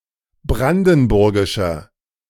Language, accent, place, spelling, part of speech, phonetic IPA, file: German, Germany, Berlin, brandenburgischer, adjective, [ˈbʁandn̩ˌbʊʁɡɪʃɐ], De-brandenburgischer.ogg
- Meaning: inflection of brandenburgisch: 1. strong/mixed nominative masculine singular 2. strong genitive/dative feminine singular 3. strong genitive plural